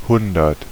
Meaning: one hundred
- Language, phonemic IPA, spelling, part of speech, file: German, /ˈhʊndɐt/, hundert, numeral, De-hundert.ogg